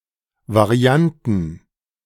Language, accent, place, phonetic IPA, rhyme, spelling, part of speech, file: German, Germany, Berlin, [vaˈʁi̯antn̩], -antn̩, Varianten, noun, De-Varianten.ogg
- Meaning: plural of Variante